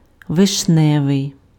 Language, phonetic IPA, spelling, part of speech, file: Ukrainian, [ʋeʃˈnɛʋei̯], вишневий, adjective, Uk-вишневий.ogg
- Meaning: 1. cherry 2. cherry red (color)